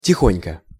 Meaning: 1. softly, quietly 2. slowly 3. gently, carefully 4. on the sly
- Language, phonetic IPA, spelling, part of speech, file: Russian, [tʲɪˈxonʲkə], тихонько, adverb, Ru-тихонько.ogg